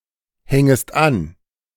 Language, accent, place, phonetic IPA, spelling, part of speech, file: German, Germany, Berlin, [ˌhɛŋəst ˈan], hängest an, verb, De-hängest an.ogg
- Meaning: second-person singular subjunctive I of anhängen